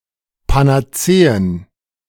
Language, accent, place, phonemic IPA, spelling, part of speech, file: German, Germany, Berlin, /panaˈtseːən/, Panazeen, noun, De-Panazeen.ogg
- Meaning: plural of Panazee